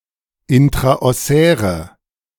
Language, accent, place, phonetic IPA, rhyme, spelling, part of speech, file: German, Germany, Berlin, [ˌɪntʁaʔɔˈsɛːʁə], -ɛːʁə, intraossäre, adjective, De-intraossäre.ogg
- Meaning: inflection of intraossär: 1. strong/mixed nominative/accusative feminine singular 2. strong nominative/accusative plural 3. weak nominative all-gender singular